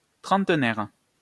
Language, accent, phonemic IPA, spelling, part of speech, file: French, France, /tʁɑ̃t.nɛʁ/, trentenaire, adjective / noun, LL-Q150 (fra)-trentenaire.wav
- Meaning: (adjective) thirty years old; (noun) 1. thirty-year-old 2. a person between 30 and 39 years old; tricenarian 3. thirtieth anniversary